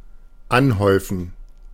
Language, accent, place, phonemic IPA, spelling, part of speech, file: German, Germany, Berlin, /ˈanˌhɔʏ̯fən/, anhäufen, verb, De-anhäufen.ogg
- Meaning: to accumulate, to pile up